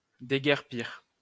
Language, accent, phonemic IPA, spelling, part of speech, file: French, France, /de.ɡɛʁ.piʁ/, déguerpir, verb, LL-Q150 (fra)-déguerpir.wav
- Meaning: 1. to flee, to run off; to scram, skedaddle, scarper 2. to bug